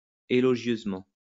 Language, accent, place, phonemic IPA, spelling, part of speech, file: French, France, Lyon, /e.lɔ.ʒjøz.mɑ̃/, élogieusement, adverb, LL-Q150 (fra)-élogieusement.wav
- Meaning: eulogistically; very favourably